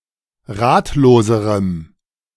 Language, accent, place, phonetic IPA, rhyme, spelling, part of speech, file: German, Germany, Berlin, [ˈʁaːtloːzəʁəm], -aːtloːzəʁəm, ratloserem, adjective, De-ratloserem.ogg
- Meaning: strong dative masculine/neuter singular comparative degree of ratlos